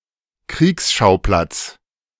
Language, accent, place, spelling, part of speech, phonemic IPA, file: German, Germany, Berlin, Kriegsschauplatz, noun, /ˈkʁiːksʃaʊ̯plat͡s/, De-Kriegsschauplatz.ogg
- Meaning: theater of war (area in which armed conflict takes place)